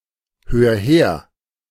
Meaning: 1. singular imperative of herhören 2. first-person singular present of herhören
- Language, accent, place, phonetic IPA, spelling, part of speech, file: German, Germany, Berlin, [ˌhøːɐ̯ ˈheːɐ̯], hör her, verb, De-hör her.ogg